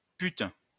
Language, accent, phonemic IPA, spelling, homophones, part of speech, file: French, France, /pyt/, pute, putes / pûtes, noun, LL-Q150 (fra)-pute.wav
- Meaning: 1. whore, slut (prostitute) 2. bitch, slut (promiscuous woman) 3. fucking (used for emphasis)